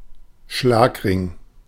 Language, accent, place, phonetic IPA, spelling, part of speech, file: German, Germany, Berlin, [ˈʃlaːkˌʁɪŋ], Schlagring, noun, De-Schlagring.ogg
- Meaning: brass knuckles